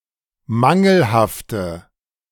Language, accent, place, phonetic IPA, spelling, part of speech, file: German, Germany, Berlin, [ˈmaŋl̩haftə], mangelhafte, adjective, De-mangelhafte.ogg
- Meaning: inflection of mangelhaft: 1. strong/mixed nominative/accusative feminine singular 2. strong nominative/accusative plural 3. weak nominative all-gender singular